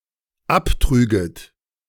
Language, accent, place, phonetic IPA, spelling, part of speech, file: German, Germany, Berlin, [ˈapˌtʁyːɡət], abtrüget, verb, De-abtrüget.ogg
- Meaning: second-person plural dependent subjunctive II of abtragen